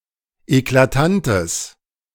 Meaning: strong/mixed nominative/accusative neuter singular of eklatant
- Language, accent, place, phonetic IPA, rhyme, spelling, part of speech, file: German, Germany, Berlin, [eklaˈtantəs], -antəs, eklatantes, adjective, De-eklatantes.ogg